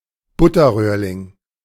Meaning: slippery jack (a species of mushroom, Suillus luteus)
- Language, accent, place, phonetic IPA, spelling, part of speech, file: German, Germany, Berlin, [ˈbʊtɐˌʁøːɐ̯lɪŋ], Butterröhrling, noun, De-Butterröhrling.ogg